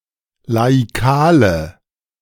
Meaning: inflection of laikal: 1. strong/mixed nominative/accusative feminine singular 2. strong nominative/accusative plural 3. weak nominative all-gender singular 4. weak accusative feminine/neuter singular
- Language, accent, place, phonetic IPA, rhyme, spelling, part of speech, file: German, Germany, Berlin, [laiˈkaːlə], -aːlə, laikale, adjective, De-laikale.ogg